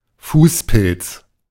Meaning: athlete's foot, tinea pedis
- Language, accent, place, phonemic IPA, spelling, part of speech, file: German, Germany, Berlin, /ˈfuːspɪlts/, Fußpilz, noun, De-Fußpilz.ogg